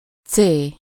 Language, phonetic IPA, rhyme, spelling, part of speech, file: Hungarian, [ˈt͡seː], -t͡seː, cé, noun, Hu-cé.ogg
- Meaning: The name of the Latin script letter C/c